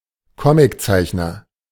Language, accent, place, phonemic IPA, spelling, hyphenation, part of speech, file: German, Germany, Berlin, /ˈkɔmɪkˌt͡saɪ̯çnɐ/, Comiczeichner, Co‧mic‧zeich‧ner, noun, De-Comiczeichner.ogg
- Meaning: comics artist (male or of unspecified gender) (one who draws comics or cartoons)